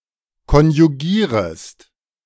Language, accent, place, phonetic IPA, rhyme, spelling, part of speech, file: German, Germany, Berlin, [kɔnjuˈɡiːʁəst], -iːʁəst, konjugierest, verb, De-konjugierest.ogg
- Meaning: second-person singular subjunctive I of konjugieren